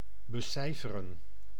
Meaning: to compute, to calculate
- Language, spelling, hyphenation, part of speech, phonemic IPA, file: Dutch, becijferen, be‧cij‧fe‧ren, verb, /bəˈsɛi̯fərə(n)/, Nl-becijferen.ogg